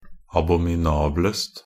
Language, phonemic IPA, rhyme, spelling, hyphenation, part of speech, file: Norwegian Bokmål, /abɔmɪˈnɑːbləst/, -əst, abominablest, a‧bo‧mi‧na‧blest, adjective, Nb-abominablest.ogg
- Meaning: predicative superlative degree of abominabel